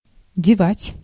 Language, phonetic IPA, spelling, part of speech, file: Russian, [dʲɪˈvatʲ], девать, verb, Ru-девать.ogg
- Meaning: 1. to put, to place 2. to do with 3. to leave, to mislay